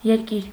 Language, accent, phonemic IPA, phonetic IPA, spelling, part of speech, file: Armenian, Eastern Armenian, /jeɾˈkiɾ/, [jeɾkíɾ], երկիր, noun, Hy-երկիր.ogg
- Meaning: 1. country, state 2. land, territory